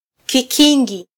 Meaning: alternative form of kigingi
- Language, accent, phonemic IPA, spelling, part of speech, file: Swahili, Kenya, /kiˈki.ᵑɡi/, kikingi, noun, Sw-ke-kikingi.flac